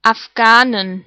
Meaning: plural of Afghane
- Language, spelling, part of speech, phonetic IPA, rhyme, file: German, Afghanen, noun, [afˈɡaːnən], -aːnən, De-Afghanen.ogg